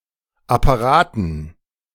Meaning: dative plural of Apparat
- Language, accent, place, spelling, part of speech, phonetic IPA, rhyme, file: German, Germany, Berlin, Apparaten, noun, [apaˈʁaːtn̩], -aːtn̩, De-Apparaten.ogg